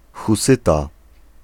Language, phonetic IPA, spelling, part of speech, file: Polish, [xuˈsɨta], husyta, noun, Pl-husyta.ogg